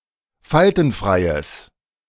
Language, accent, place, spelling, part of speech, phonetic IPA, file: German, Germany, Berlin, faltenfreies, adjective, [ˈfaltn̩ˌfʁaɪ̯əs], De-faltenfreies.ogg
- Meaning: strong/mixed nominative/accusative neuter singular of faltenfrei